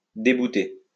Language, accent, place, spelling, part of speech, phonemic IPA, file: French, France, Lyon, débouter, verb, /de.bu.te/, LL-Q150 (fra)-débouter.wav
- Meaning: to dismiss